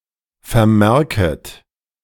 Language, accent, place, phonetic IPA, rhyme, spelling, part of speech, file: German, Germany, Berlin, [fɛɐ̯ˈmɛʁkət], -ɛʁkət, vermerket, verb, De-vermerket.ogg
- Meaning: second-person plural subjunctive I of vermerken